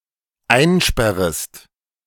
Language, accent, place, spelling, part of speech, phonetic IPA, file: German, Germany, Berlin, einsperrest, verb, [ˈaɪ̯nˌʃpɛʁəst], De-einsperrest.ogg
- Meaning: second-person singular dependent subjunctive I of einsperren